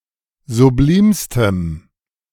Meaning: strong dative masculine/neuter singular superlative degree of sublim
- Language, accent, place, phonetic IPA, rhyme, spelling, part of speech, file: German, Germany, Berlin, [zuˈbliːmstəm], -iːmstəm, sublimstem, adjective, De-sublimstem.ogg